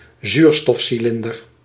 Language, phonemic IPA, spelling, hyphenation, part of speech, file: Dutch, /ˈzyːr.stɔf.siˌlɪn.dər/, zuurstofcilinder, zuur‧stof‧ci‧lin‧der, noun, Nl-zuurstofcilinder.ogg
- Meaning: a cylindrical oxygen canister